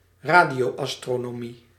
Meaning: radio astronomy
- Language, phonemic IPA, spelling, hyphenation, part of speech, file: Dutch, /ˈraː.di.oː.ɑs.troː.noːˌmi/, radioastronomie, ra‧dio‧as‧tro‧no‧mie, noun, Nl-radioastronomie.ogg